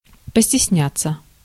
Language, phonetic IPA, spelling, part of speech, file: Russian, [pəsʲtʲɪsˈnʲat͡sːə], постесняться, verb, Ru-постесняться.ogg
- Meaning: 1. to be afraid, to be ashamed 2. to be afraid of, to be ashamed of